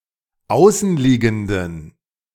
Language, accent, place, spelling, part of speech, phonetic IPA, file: German, Germany, Berlin, außenliegenden, adjective, [ˈaʊ̯sn̩ˌliːɡn̩dən], De-außenliegenden.ogg
- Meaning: inflection of außenliegend: 1. strong genitive masculine/neuter singular 2. weak/mixed genitive/dative all-gender singular 3. strong/weak/mixed accusative masculine singular 4. strong dative plural